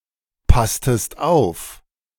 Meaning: inflection of aufpassen: 1. second-person singular preterite 2. second-person singular subjunctive II
- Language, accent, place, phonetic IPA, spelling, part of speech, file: German, Germany, Berlin, [ˌpastəst ˈaʊ̯f], passtest auf, verb, De-passtest auf.ogg